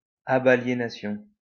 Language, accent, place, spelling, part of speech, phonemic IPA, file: French, France, Lyon, abaliénation, noun, /a.ba.lje.na.sjɔ̃/, LL-Q150 (fra)-abaliénation.wav
- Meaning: abalienation